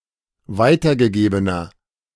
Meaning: inflection of weitergegeben: 1. strong/mixed nominative masculine singular 2. strong genitive/dative feminine singular 3. strong genitive plural
- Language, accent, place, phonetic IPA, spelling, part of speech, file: German, Germany, Berlin, [ˈvaɪ̯tɐɡəˌɡeːbənɐ], weitergegebener, adjective, De-weitergegebener.ogg